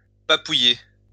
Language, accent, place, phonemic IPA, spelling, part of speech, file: French, France, Lyon, /pa.pu.je/, papouiller, verb, LL-Q150 (fra)-papouiller.wav
- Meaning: to pet, snuggle, caress